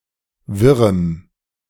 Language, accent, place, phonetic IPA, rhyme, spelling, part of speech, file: German, Germany, Berlin, [ˈvɪʁəm], -ɪʁəm, wirrem, adjective, De-wirrem.ogg
- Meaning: strong dative masculine/neuter singular of wirr